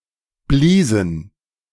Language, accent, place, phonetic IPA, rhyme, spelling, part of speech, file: German, Germany, Berlin, [ˈbliːzn̩], -iːzn̩, bliesen, verb, De-bliesen.ogg
- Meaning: inflection of blasen: 1. first/third-person plural preterite 2. first/third-person plural subjunctive II